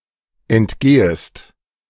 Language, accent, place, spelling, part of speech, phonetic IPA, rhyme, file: German, Germany, Berlin, entgehest, verb, [ɛntˈɡeːəst], -eːəst, De-entgehest.ogg
- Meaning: second-person singular subjunctive I of entgehen